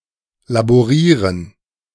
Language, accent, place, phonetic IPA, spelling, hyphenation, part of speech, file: German, Germany, Berlin, [laboˈʁiːʁən], laborieren, la‧bo‧rie‧ren, verb, De-laborieren.ogg
- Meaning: 1. to work in a laboratory, to apply chemistry on a specific thing 2. to travail, to labor, especially with a disease